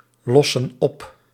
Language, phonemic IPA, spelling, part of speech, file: Dutch, /ˈlɔsə(n) ˈɔp/, lossen op, verb, Nl-lossen op.ogg
- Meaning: inflection of oplossen: 1. plural present indicative 2. plural present subjunctive